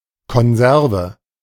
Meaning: 1. preserved food 2. tin, can 3. unit (of blood)
- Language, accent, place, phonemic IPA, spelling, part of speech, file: German, Germany, Berlin, /kɔnˈzɛʁvə/, Konserve, noun, De-Konserve.ogg